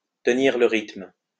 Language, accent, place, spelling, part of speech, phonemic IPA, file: French, France, Lyon, tenir le rythme, verb, /tə.niʁ lə ʁitm/, LL-Q150 (fra)-tenir le rythme.wav
- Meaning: to keep up, to keep pace